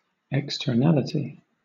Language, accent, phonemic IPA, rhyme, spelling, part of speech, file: English, Southern England, /ɛkstəˈnælɪti/, -ælɪti, externality, noun, LL-Q1860 (eng)-externality.wav
- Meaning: 1. The state of being external or externalized 2. A thing that is external relative to something else